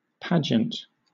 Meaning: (noun) 1. An elaborate public display, especially a parade in historical or traditional costume 2. A spectacular ceremony 3. Ellipsis of beauty pageant
- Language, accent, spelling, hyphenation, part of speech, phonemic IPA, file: English, Southern England, pageant, pa‧geant, noun / verb, /ˈpæd͡ʒənt/, LL-Q1860 (eng)-pageant.wav